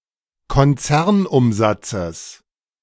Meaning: genitive singular of Konzernumsatz
- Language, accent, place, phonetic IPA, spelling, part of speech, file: German, Germany, Berlin, [kɔnˈt͡sɛʁnˌʔʊmzat͡səs], Konzernumsatzes, noun, De-Konzernumsatzes.ogg